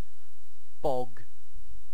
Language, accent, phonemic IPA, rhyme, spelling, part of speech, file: English, UK, /bɒɡ/, -ɒɡ, bog, noun / verb / adjective, En-uk-bog.ogg
- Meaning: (noun) An area of decayed vegetation (particularly sphagnum moss) which forms a wet spongy ground too soft for walking